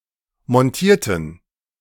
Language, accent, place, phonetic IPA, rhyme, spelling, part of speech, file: German, Germany, Berlin, [mɔnˈtiːɐ̯tn̩], -iːɐ̯tn̩, montierten, adjective / verb, De-montierten.ogg
- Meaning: inflection of montieren: 1. first/third-person plural preterite 2. first/third-person plural subjunctive II